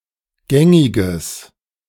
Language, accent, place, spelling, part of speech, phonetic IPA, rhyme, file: German, Germany, Berlin, gängiges, adjective, [ˈɡɛŋɪɡəs], -ɛŋɪɡəs, De-gängiges.ogg
- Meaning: strong/mixed nominative/accusative neuter singular of gängig